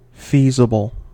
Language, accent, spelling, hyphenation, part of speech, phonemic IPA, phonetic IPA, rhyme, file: English, US, feasible, fea‧si‧ble, adjective, /ˈfi.zə.bəl/, [ˈfi.zə.bɫ̩], -iːzəbəl, En-us-feasible.ogg
- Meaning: Able to be done in practice